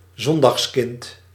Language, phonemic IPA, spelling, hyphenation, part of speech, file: Dutch, /ˈzɔn.dɑxsˌkɪnt/, zondagskind, zon‧dags‧kind, noun, Nl-zondagskind.ogg
- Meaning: someone who is frequently very lucky